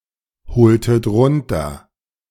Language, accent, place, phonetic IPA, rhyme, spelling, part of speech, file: German, Germany, Berlin, [bəˈt͡sɔɪ̯ɡn̩dəm], -ɔɪ̯ɡn̩dəm, bezeugendem, adjective, De-bezeugendem.ogg
- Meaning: strong dative masculine/neuter singular of bezeugend